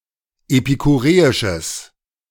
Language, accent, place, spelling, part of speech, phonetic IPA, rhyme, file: German, Germany, Berlin, epikureisches, adjective, [epikuˈʁeːɪʃəs], -eːɪʃəs, De-epikureisches.ogg
- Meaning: strong/mixed nominative/accusative neuter singular of epikureisch